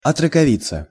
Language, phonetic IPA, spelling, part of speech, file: Russian, [ɐtrəkɐˈvʲit͡sə], отроковица, noun, Ru-отроковица.ogg
- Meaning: female equivalent of о́трок (ótrok): young girl